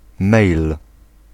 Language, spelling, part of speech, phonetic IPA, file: Polish, mejl, noun, [mɛjl], Pl-mejl.ogg